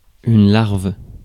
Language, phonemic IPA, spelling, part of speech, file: French, /laʁv/, larve, noun, Fr-larve.ogg
- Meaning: 1. grub, larva (immature insect) 2. wimp, drip (weak, lazy and/or ineffectual person)